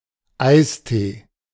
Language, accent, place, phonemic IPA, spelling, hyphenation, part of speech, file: German, Germany, Berlin, /ˈʔaɪ̯sˌteː/, Eistee, Eis‧tee, noun, De-Eistee.ogg
- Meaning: iced tea, ice tea (cold tea)